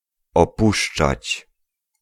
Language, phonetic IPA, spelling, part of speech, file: Polish, [ɔˈpuʃt͡ʃat͡ɕ], opuszczać, verb, Pl-opuszczać.ogg